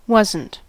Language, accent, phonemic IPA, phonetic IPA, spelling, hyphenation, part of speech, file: English, General American, /ˈwʌz.ənt/, [ˈwʌz.n̩(t)], wasn't, was‧n't, verb, En-us-wasn't.ogg
- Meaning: Contraction of was + not